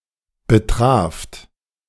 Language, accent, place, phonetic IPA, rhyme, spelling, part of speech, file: German, Germany, Berlin, [bəˈtʁaːft], -aːft, betraft, verb, De-betraft.ogg
- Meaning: second-person plural preterite of betreffen